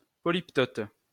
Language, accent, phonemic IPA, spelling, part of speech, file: French, France, /pɔ.lip.tɔt/, polyptote, noun, LL-Q150 (fra)-polyptote.wav
- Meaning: polyptoton (stylistic scheme)